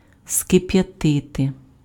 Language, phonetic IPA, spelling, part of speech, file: Ukrainian, [skepjɐˈtɪte], скип'ятити, verb, Uk-скип'ятити.ogg
- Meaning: to boil, to bring to a boil